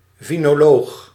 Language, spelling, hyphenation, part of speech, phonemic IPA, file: Dutch, vinoloog, vi‧no‧loog, noun, /vi.noːˈloːx/, Nl-vinoloog.ogg
- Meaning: wine connoisseur